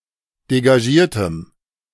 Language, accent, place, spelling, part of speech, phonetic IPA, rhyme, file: German, Germany, Berlin, degagiertem, adjective, [deɡaˈʒiːɐ̯təm], -iːɐ̯təm, De-degagiertem.ogg
- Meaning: strong dative masculine/neuter singular of degagiert